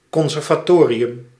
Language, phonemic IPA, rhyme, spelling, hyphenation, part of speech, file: Dutch, /ˌkɔn.zɛr.vaːˈtoː.ri.ʏm/, -oːriʏm, conservatorium, con‧ser‧va‧to‧ri‧um, noun, Nl-conservatorium.ogg
- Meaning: conservatory